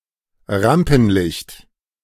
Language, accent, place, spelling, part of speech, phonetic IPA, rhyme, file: German, Germany, Berlin, Rampenlicht, noun, [ˈʁampn̩ˌlɪçt], -ampn̩lɪçt, De-Rampenlicht.ogg
- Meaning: 1. limelight, stage lighting 2. in the spotlight, highlighted, the focus of attention